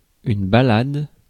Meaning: 1. ballade (lyric poem) 2. ballad
- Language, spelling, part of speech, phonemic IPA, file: French, ballade, noun, /ba.lad/, Fr-ballade.ogg